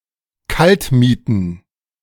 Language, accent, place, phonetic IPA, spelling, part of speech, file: German, Germany, Berlin, [ˈkaltˌmiːtn̩], Kaltmieten, noun, De-Kaltmieten.ogg
- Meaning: plural of Kaltmiete